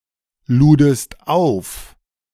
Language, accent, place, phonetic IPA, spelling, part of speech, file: German, Germany, Berlin, [ˌluːdəst ˈaʊ̯f], ludest auf, verb, De-ludest auf.ogg
- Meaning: second-person singular preterite of aufladen